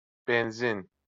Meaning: gasoline, petrol
- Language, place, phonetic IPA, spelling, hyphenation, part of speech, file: Azerbaijani, Baku, [benˈzin], benzin, ben‧zin, noun, LL-Q9292 (aze)-benzin.wav